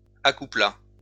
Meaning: third-person singular past historic of accoupler
- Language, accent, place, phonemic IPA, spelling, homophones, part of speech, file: French, France, Lyon, /a.ku.pla/, accoupla, accouplas / accouplât, verb, LL-Q150 (fra)-accoupla.wav